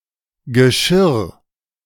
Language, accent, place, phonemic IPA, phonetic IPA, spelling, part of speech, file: German, Germany, Berlin, /ɡəˈʃɪʁ/, [ɡɛˈʃɪɐ̯], Geschirr, noun, De-Geschirr.ogg
- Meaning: 1. dishware 2. vessel, container 3. harness